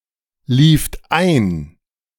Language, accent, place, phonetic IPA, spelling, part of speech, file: German, Germany, Berlin, [ˌliːft ˈaɪ̯n], lieft ein, verb, De-lieft ein.ogg
- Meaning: second-person plural preterite of einlaufen